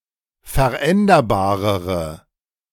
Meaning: inflection of veränderbar: 1. strong/mixed nominative/accusative feminine singular comparative degree 2. strong nominative/accusative plural comparative degree
- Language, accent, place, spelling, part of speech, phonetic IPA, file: German, Germany, Berlin, veränderbarere, adjective, [fɛɐ̯ˈʔɛndɐbaːʁəʁə], De-veränderbarere.ogg